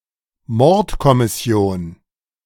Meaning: homicide division, homicide squad
- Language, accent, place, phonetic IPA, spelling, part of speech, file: German, Germany, Berlin, [ˈmɔʁtkɔmɪˌsi̯oːn], Mordkommission, noun, De-Mordkommission.ogg